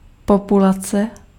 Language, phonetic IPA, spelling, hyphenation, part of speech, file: Czech, [ˈpopulat͡sɛ], populace, po‧pu‧la‧ce, noun, Cs-populace.ogg
- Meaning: population